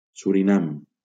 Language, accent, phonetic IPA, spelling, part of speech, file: Catalan, Valencia, [su.ɾiˈnam], Surinam, proper noun, LL-Q7026 (cat)-Surinam.wav
- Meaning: Suriname (a country in South America)